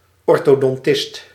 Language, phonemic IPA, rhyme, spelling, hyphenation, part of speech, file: Dutch, /ˌɔr.toː.dɔnˈtɪst/, -ɪst, orthodontist, or‧tho‧don‧tist, noun, Nl-orthodontist.ogg
- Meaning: orthodontist